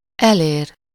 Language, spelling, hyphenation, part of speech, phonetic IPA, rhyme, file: Hungarian, elér, el‧ér, verb, [ˈɛleːr], -eːr, Hu-elér.ogg
- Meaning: 1. to reach, to be able to reach, to touch 2. to attain, to achieve, to catch, to get